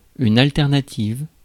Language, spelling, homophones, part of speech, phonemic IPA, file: French, alternative, alternatives, adjective / noun, /al.tɛʁ.na.tiv/, Fr-alternative.ogg
- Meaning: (adjective) feminine singular of alternatif; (noun) alternative